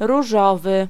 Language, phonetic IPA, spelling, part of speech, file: Polish, [ruˈʒɔvɨ], różowy, adjective, Pl-różowy.ogg